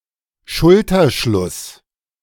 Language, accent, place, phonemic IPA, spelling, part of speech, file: German, Germany, Berlin, /ˈʃʊltɐˌʃlʊs/, Schulterschluss, noun, De-Schulterschluss.ogg
- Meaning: shoulder-to-shoulder cooperation